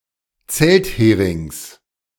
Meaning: genitive singular of Zelthering
- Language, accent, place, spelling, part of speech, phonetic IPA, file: German, Germany, Berlin, Zeltherings, noun, [ˈt͡sɛltˌheːʁɪŋs], De-Zeltherings.ogg